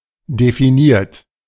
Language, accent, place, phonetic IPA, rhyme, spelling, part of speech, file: German, Germany, Berlin, [defiˈniːɐ̯t], -iːɐ̯t, definiert, adjective / verb, De-definiert.ogg
- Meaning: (verb) past participle of definieren; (adjective) defined; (verb) inflection of definieren: 1. third-person singular present 2. second-person plural present 3. plural imperative